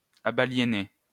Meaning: feminine singular of abaliéné
- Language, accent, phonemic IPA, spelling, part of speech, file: French, France, /a.ba.lje.ne/, abaliénée, verb, LL-Q150 (fra)-abaliénée.wav